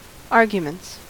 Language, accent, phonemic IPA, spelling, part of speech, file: English, US, /ˈɑɹɡjəmənts/, arguments, noun / verb, En-us-arguments.ogg
- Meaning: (noun) plural of argument; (verb) third-person singular simple present indicative of argument